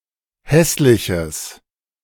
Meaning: strong/mixed nominative/accusative neuter singular of hässlich
- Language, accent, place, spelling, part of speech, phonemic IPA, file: German, Germany, Berlin, hässliches, adjective, /ˈhɛslɪçəs/, De-hässliches.ogg